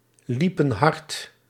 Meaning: inflection of hardlopen: 1. plural past indicative 2. plural past subjunctive
- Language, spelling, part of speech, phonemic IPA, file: Dutch, liepen hard, verb, /ˈlipə(n) ˈhɑrt/, Nl-liepen hard.ogg